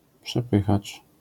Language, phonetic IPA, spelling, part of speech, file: Polish, [pʃɛˈpɨxat͡ʃ], przepychacz, noun, LL-Q809 (pol)-przepychacz.wav